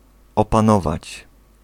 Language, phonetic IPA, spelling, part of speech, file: Polish, [ˌɔpãˈnɔvat͡ɕ], opanować, verb, Pl-opanować.ogg